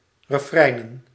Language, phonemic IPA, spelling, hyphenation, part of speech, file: Dutch, /rəˈfrɛi̯n.ə(n)/, refreinen, re‧frein‧en, noun, Nl-refreinen.ogg
- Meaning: plural of refrein